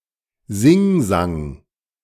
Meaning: chant, singsong
- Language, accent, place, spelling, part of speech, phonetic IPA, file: German, Germany, Berlin, Singsang, noun, [ˈzɪŋˌzaŋ], De-Singsang.ogg